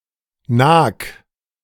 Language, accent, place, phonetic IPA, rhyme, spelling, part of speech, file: German, Germany, Berlin, [naːk], -aːk, nag, verb, De-nag.ogg
- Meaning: 1. singular imperative of nagen 2. first-person singular present of nagen